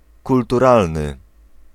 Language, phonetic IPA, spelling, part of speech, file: Polish, [ˌkultuˈralnɨ], kulturalny, adjective, Pl-kulturalny.ogg